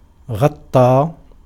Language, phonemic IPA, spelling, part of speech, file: Arabic, /ɣatˤ.tˤaː/, غطى, verb, Ar-غطى.ogg
- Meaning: 1. to cover up, to cover over: to enfold, to envelop, to wrap up 2. to cover up, to cover over: to shade, to overshadow 3. to cover (an event, an occasion, a happening, etc.), to describe, to report